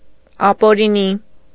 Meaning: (adjective) 1. illegal, illicit 2. illegitimate; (adverb) illegally, illicitly
- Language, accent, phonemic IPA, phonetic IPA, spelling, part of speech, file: Armenian, Eastern Armenian, /ɑpoɾiˈni/, [ɑpoɾiní], ապօրինի, adjective / adverb, Hy-ապօրինի.ogg